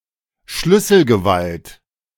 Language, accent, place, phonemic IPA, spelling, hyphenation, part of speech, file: German, Germany, Berlin, /ˈʃlʏsl̩ɡəˌvalt/, Schlüsselgewalt, Schlüs‧sel‧ge‧walt, noun, De-Schlüsselgewalt.ogg
- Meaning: 1. Power of the Keys 2. the ability of a spouse to represent the other in household matters